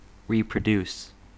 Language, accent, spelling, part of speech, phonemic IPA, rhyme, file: English, US, reproduce, verb, /ˌɹi.pɹəˈdus/, -uːs, En-us-reproduce.ogg
- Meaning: 1. To produce an image or copy of 2. To generate or propagate offspring or organisms sexually or asexually 3. To produce again; to recreate 4. To bring something to mind; to recall